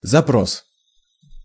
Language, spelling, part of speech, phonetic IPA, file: Russian, запрос, noun, [zɐˈpros], Ru-запрос.ogg
- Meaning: 1. inquiry 2. request, demand 3. query (computer) 4. demands, requirements, claims, interests, pretensions